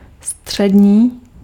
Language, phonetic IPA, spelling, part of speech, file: Czech, [ˈstr̝̊ɛdɲiː], střední, adjective, Cs-střední.ogg
- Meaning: 1. middle 2. neuter